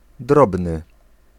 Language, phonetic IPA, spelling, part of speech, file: Polish, [ˈdrɔbnɨ], drobny, adjective, Pl-drobny.ogg